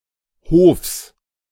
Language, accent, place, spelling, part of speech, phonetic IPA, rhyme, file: German, Germany, Berlin, Hofs, noun, [hoːfs], -oːfs, De-Hofs.ogg
- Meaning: genitive singular of Hof